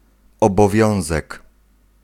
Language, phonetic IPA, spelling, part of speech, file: Polish, [ˌɔbɔˈvʲjɔ̃w̃zɛk], obowiązek, noun, Pl-obowiązek.ogg